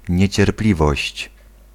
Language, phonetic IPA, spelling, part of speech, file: Polish, [ˌɲɛ̇t͡ɕɛrˈplʲivɔɕt͡ɕ], niecierpliwość, noun, Pl-niecierpliwość.ogg